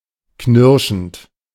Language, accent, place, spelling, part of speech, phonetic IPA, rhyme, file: German, Germany, Berlin, knirschend, verb, [ˈknɪʁʃn̩t], -ɪʁʃn̩t, De-knirschend.ogg
- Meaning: present participle of knirschen